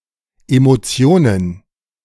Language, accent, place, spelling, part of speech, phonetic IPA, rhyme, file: German, Germany, Berlin, Emotionen, noun, [emoˈt͡si̯oːnən], -oːnən, De-Emotionen.ogg
- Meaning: plural of Emotion